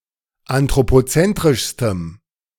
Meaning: strong dative masculine/neuter singular superlative degree of anthropozentrisch
- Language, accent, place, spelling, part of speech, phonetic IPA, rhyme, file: German, Germany, Berlin, anthropozentrischstem, adjective, [antʁopoˈt͡sɛntʁɪʃstəm], -ɛntʁɪʃstəm, De-anthropozentrischstem.ogg